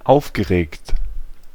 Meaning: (verb) past participle of aufregen; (adjective) 1. excited 2. angry
- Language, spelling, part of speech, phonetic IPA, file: German, aufgeregt, verb / adjective, [ˈaʊ̯fˌɡəʁeːkt], De-aufgeregt.ogg